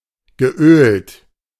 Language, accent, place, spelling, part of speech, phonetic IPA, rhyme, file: German, Germany, Berlin, geölt, adjective / verb, [ɡəˈʔøːlt], -øːlt, De-geölt.ogg
- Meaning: past participle of ölen